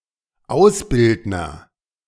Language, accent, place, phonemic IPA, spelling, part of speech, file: German, Germany, Berlin, /ˈaʊ̯sˌbɪldnɐ/, Ausbildner, noun, De-Ausbildner.ogg
- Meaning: 1. agent noun of ausbilden; educator, instructor 2. military instructor 3. someone who hires others for vocational training